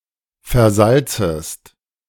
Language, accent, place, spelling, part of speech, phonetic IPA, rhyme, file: German, Germany, Berlin, versalzest, verb, [fɛɐ̯ˈzalt͡səst], -alt͡səst, De-versalzest.ogg
- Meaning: second-person singular subjunctive I of versalzen